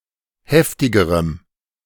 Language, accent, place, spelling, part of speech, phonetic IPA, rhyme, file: German, Germany, Berlin, heftigerem, adjective, [ˈhɛftɪɡəʁəm], -ɛftɪɡəʁəm, De-heftigerem.ogg
- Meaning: strong dative masculine/neuter singular comparative degree of heftig